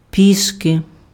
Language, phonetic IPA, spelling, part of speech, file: Ukrainian, [ˈpʲiʃke], пішки, adverb, Uk-пішки.ogg
- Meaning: on foot